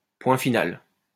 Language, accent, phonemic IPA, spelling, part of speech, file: French, France, /pwɛ̃ fi.nal/, point final, noun / interjection, LL-Q150 (fra)-point final.wav
- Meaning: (noun) period, full stop